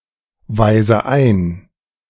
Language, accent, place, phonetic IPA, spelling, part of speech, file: German, Germany, Berlin, [ˌvaɪ̯zə ˈaɪ̯n], weise ein, verb, De-weise ein.ogg
- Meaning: inflection of einweisen: 1. first-person singular present 2. first/third-person singular subjunctive I 3. singular imperative